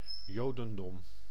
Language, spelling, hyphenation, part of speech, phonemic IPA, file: Dutch, jodendom, jo‧den‧dom, noun, /ˈjoː.də(n)ˌdɔm/, Nl-jodendom.ogg
- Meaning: Judaism